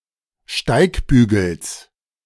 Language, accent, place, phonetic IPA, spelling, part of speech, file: German, Germany, Berlin, [ˈʃtaɪ̯kˌbyːɡl̩s], Steigbügels, noun, De-Steigbügels.ogg
- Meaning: genitive singular of Steigbügel